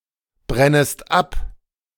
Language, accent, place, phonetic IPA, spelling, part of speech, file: German, Germany, Berlin, [ˌbʁɛnəst ˈap], brennest ab, verb, De-brennest ab.ogg
- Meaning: second-person singular subjunctive I of abbrennen